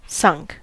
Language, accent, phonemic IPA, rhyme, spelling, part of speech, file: English, US, /sʌŋk/, -ʌŋk, sunk, verb, En-us-sunk.ogg
- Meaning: 1. past participle of sink 2. past of sink